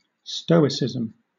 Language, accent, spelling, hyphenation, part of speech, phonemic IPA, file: English, Southern England, stoicism, sto‧i‧cism, noun, /ˈstəʊɪsɪzəm/, LL-Q1860 (eng)-stoicism.wav